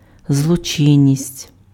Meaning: criminality, crime
- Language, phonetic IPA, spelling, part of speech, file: Ukrainian, [zɫɔˈt͡ʃɪnʲːisʲtʲ], злочинність, noun, Uk-злочинність.ogg